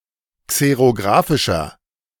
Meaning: inflection of xerografisch: 1. strong/mixed nominative masculine singular 2. strong genitive/dative feminine singular 3. strong genitive plural
- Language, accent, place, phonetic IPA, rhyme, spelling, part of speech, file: German, Germany, Berlin, [ˌkseʁoˈɡʁaːfɪʃɐ], -aːfɪʃɐ, xerografischer, adjective, De-xerografischer.ogg